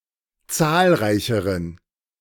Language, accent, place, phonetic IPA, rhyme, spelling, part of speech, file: German, Germany, Berlin, [ˈt͡saːlˌʁaɪ̯çəʁən], -aːlʁaɪ̯çəʁən, zahlreicheren, adjective, De-zahlreicheren.ogg
- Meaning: inflection of zahlreich: 1. strong genitive masculine/neuter singular comparative degree 2. weak/mixed genitive/dative all-gender singular comparative degree